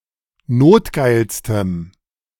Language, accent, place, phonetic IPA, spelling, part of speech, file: German, Germany, Berlin, [ˈnoːtˌɡaɪ̯lstəm], notgeilstem, adjective, De-notgeilstem.ogg
- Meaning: strong dative masculine/neuter singular superlative degree of notgeil